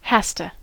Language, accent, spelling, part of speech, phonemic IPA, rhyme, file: English, US, hasta, verb, /ˈhæs.tə/, -æstə, En-us-hasta.ogg
- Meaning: third-person singular simple present indicative of hafta: Contraction of has to (“is required to”)